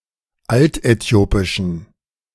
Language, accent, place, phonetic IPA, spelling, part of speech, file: German, Germany, Berlin, [ˈaltʔɛˌti̯oːpɪʃn̩], altäthiopischen, adjective, De-altäthiopischen.ogg
- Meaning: inflection of altäthiopisch: 1. strong genitive masculine/neuter singular 2. weak/mixed genitive/dative all-gender singular 3. strong/weak/mixed accusative masculine singular 4. strong dative plural